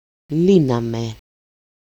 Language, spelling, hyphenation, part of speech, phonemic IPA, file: Greek, λύναμε, λύ‧να‧με, verb, /ˈli.na.me/, El-λύναμε.ogg
- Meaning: first-person plural imperfect active indicative of λύνω (lýno)